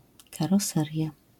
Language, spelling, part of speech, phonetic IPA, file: Polish, karoseria, noun, [ˌkarɔˈsɛrʲja], LL-Q809 (pol)-karoseria.wav